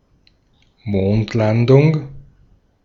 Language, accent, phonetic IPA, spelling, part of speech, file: German, Austria, [ˈmoːntˌlandʊŋ], Mondlandung, noun, De-at-Mondlandung.ogg
- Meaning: moon landing, lunar landing